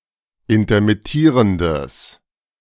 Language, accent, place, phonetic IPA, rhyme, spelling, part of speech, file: German, Germany, Berlin, [intɐmɪˈtiːʁəndəs], -iːʁəndəs, intermittierendes, adjective, De-intermittierendes.ogg
- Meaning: strong/mixed nominative/accusative neuter singular of intermittierend